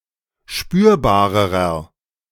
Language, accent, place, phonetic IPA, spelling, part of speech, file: German, Germany, Berlin, [ˈʃpyːɐ̯baːʁəʁɐ], spürbarerer, adjective, De-spürbarerer.ogg
- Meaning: inflection of spürbar: 1. strong/mixed nominative masculine singular comparative degree 2. strong genitive/dative feminine singular comparative degree 3. strong genitive plural comparative degree